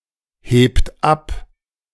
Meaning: inflection of abheben: 1. third-person singular present 2. second-person plural present 3. plural imperative
- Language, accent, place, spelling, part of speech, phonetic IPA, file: German, Germany, Berlin, hebt ab, verb, [ˌheːpt ˈap], De-hebt ab.ogg